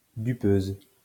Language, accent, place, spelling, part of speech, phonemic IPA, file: French, France, Lyon, dupeuse, noun, /dy.pøz/, LL-Q150 (fra)-dupeuse.wav
- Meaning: female equivalent of dupeur